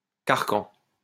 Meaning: 1. yoke, shackles 2. straitjacket
- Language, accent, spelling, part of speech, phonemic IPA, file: French, France, carcan, noun, /kaʁ.kɑ̃/, LL-Q150 (fra)-carcan.wav